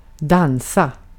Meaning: to dance
- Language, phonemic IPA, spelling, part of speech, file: Swedish, /²danːsa/, dansa, verb, Sv-dansa.ogg